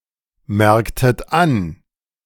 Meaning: inflection of anmerken: 1. second-person plural preterite 2. second-person plural subjunctive II
- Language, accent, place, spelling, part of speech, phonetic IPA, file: German, Germany, Berlin, merktet an, verb, [ˌmɛʁktət ˈan], De-merktet an.ogg